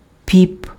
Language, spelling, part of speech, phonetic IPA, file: Ukrainian, піп, noun, [pʲip], Uk-піп.ogg
- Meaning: priest